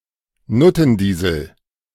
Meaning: cheap or pungent perfume
- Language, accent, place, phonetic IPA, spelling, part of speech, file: German, Germany, Berlin, [ˈnʊtn̩ˌdiːzl̩], Nuttendiesel, noun, De-Nuttendiesel.ogg